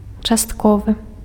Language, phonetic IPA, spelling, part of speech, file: Belarusian, [t͡ʂastˈkovɨ], частковы, adjective, Be-частковы.ogg
- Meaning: partial